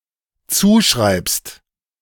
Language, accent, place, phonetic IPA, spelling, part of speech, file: German, Germany, Berlin, [ˈt͡suːˌʃʁaɪ̯pst], zuschreibst, verb, De-zuschreibst.ogg
- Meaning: second-person singular dependent present of zuschreiben